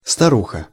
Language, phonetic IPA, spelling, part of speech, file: Russian, [stɐˈruxə], старуха, noun, Ru-старуха.ogg
- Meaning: 1. female equivalent of стари́к (starík): old woman 2. old lady (a close female friend or one's wife; also used as a term of address)